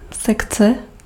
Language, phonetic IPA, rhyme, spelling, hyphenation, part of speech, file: Czech, [ˈsɛkt͡sɛ], -ɛktsɛ, sekce, sek‧ce, noun, Cs-sekce.ogg
- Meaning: 1. section, department, division 2. dissection